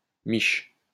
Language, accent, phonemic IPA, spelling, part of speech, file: French, France, /miʃ/, miche, noun, LL-Q150 (fra)-miche.wav
- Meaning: 1. round loaf, cob loaf 2. buns, bum, butt